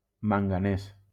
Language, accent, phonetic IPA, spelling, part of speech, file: Catalan, Valencia, [maŋ.ɡaˈnes], manganès, noun, LL-Q7026 (cat)-manganès.wav
- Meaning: manganese